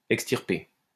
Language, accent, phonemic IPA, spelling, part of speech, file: French, France, /ɛk.stiʁ.pe/, extirper, verb, LL-Q150 (fra)-extirper.wav
- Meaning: 1. to uproot, extirpate (pull [a plant and its roots] out of the ground) 2. to remove, take out (e.g. an organ) 3. to weed out, get rid of, eradicate (e.g. a problem or characteristic)